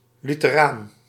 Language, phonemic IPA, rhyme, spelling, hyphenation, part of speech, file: Dutch, /ˌly.təˈraːn/, -aːn, lutheraan, lu‧the‧raan, noun, Nl-lutheraan.ogg
- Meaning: Lutheran